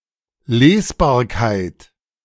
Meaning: 1. readability 2. legibility
- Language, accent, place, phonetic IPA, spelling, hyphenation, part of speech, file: German, Germany, Berlin, [ˈleːsbaːɐ̯kaɪ̯t], Lesbarkeit, Les‧bar‧keit, noun, De-Lesbarkeit.ogg